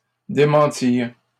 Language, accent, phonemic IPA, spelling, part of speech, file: French, Canada, /de.mɑ̃.tiʁ/, démentirent, verb, LL-Q150 (fra)-démentirent.wav
- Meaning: third-person plural past historic of démentir